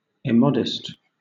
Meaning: Without customary restraint or modesty of expression; shameless
- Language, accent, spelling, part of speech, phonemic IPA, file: English, Southern England, immodest, adjective, /ɪˈmɑdəst/, LL-Q1860 (eng)-immodest.wav